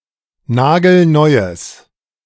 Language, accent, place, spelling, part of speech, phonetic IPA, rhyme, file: German, Germany, Berlin, nagelneues, adjective, [ˈnaːɡl̩ˈnɔɪ̯əs], -ɔɪ̯əs, De-nagelneues.ogg
- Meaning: strong/mixed nominative/accusative neuter singular of nagelneu